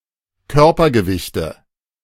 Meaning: nominative/accusative/genitive plural of Körpergewicht
- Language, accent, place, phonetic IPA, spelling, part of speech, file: German, Germany, Berlin, [ˈkœʁpɐɡəˌvɪçtə], Körpergewichte, noun, De-Körpergewichte.ogg